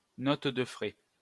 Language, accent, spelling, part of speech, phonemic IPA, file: French, France, note de frais, noun, /nɔt də fʁɛ/, LL-Q150 (fra)-note de frais.wav
- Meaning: 1. expenses claim 2. expense account